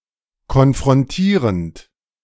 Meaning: present participle of konfrontieren
- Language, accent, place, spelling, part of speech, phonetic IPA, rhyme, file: German, Germany, Berlin, konfrontierend, verb, [kɔnfʁɔnˈtiːʁənt], -iːʁənt, De-konfrontierend.ogg